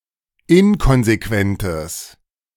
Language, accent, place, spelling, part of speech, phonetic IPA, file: German, Germany, Berlin, inkonsequentes, adjective, [ˈɪnkɔnzeˌkvɛntəs], De-inkonsequentes.ogg
- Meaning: strong/mixed nominative/accusative neuter singular of inkonsequent